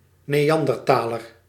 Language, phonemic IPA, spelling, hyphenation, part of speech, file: Dutch, /neːˈɑn.dərˌtaː.lər/, neanderthaler, ne‧an‧der‧tha‧ler, noun, Nl-neanderthaler.ogg
- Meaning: a Neanderthal, Homo neanderthalensis